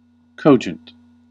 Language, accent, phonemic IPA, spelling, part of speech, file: English, US, /ˈkoʊd͡ʒn̩t/, cogent, adjective, En-us-cogent.ogg
- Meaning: 1. Reasonable and convincing; based on evidence 2. Appealing to the intellect or powers of reasoning 3. Forcefully persuasive; relevant, pertinent